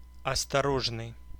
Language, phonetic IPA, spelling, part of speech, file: Russian, [ɐstɐˈroʐnɨj], осторожный, adjective, Ru-осторожный.ogg
- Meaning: cautious, careful, wary, prudent